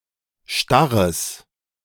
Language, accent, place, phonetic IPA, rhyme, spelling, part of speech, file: German, Germany, Berlin, [ˈʃtaʁəs], -aʁəs, starres, adjective, De-starres.ogg
- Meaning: strong/mixed nominative/accusative neuter singular of starr